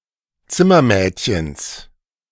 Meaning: genitive of Zimmermädchen
- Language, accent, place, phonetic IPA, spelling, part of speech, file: German, Germany, Berlin, [ˈt͡sɪmɐˌmɛːtçəns], Zimmermädchens, noun, De-Zimmermädchens.ogg